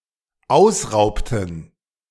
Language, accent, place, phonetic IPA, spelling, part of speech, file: German, Germany, Berlin, [ˈaʊ̯sˌʁaʊ̯ptn̩], ausraubten, verb, De-ausraubten.ogg
- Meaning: inflection of ausrauben: 1. first/third-person plural dependent preterite 2. first/third-person plural dependent subjunctive II